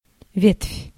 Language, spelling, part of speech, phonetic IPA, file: Russian, ветвь, noun, [vʲetfʲ], Ru-ветвь.ogg
- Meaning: branch, bough, limb (woody part of a tree arising from the trunk and usually dividing)